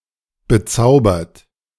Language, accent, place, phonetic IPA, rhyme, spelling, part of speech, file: German, Germany, Berlin, [bəˈt͡saʊ̯bɐt], -aʊ̯bɐt, bezaubert, adjective / verb, De-bezaubert.ogg
- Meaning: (verb) past participle of bezaubern; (adjective) enchanted (magic); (verb) inflection of bezaubern: 1. third-person singular present 2. second-person plural present 3. plural imperative